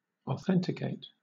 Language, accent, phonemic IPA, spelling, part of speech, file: English, Southern England, /ɒˈθɛn.tɪ.keɪt/, authenticate, verb / adjective, LL-Q1860 (eng)-authenticate.wav
- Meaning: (verb) 1. To render authentic; to give authority to, by the proof, attestation, or formalities required by law, or sufficient to entitle to credit 2. To prove authentic; to determine as real and true